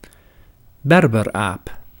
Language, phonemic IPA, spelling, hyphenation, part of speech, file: Dutch, /ˈbɛr.bərˌaːp/, berberaap, ber‧ber‧aap, noun, Nl-berberaap.ogg
- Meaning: Barbary macaque (Macaca sylvanus)